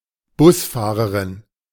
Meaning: bus driver (female)
- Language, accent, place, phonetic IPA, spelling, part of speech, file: German, Germany, Berlin, [ˈbʊsˌfaːʁəʁɪn], Busfahrerin, noun, De-Busfahrerin.ogg